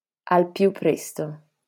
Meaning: 1. as soon as possible 2. right away 3. at once 4. forthwith 5. immediately 6. instantly 7. now 8. straight away 9. without delay
- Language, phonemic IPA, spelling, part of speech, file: Italian, /al ˌpju‿pˈprɛs.to/, al più presto, adverb, LL-Q652 (ita)-al più presto.wav